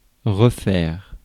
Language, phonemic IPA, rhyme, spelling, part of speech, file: French, /ʁə.fɛʁ/, -ɛʁ, refaire, verb, Fr-refaire.ogg
- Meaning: 1. to redo, to do over, to do again, to repeat 2. to remake, to recreate, to make more of, to reproduce 3. to restore, to renovate, to make (like) brand new 4. to get reaccustomed to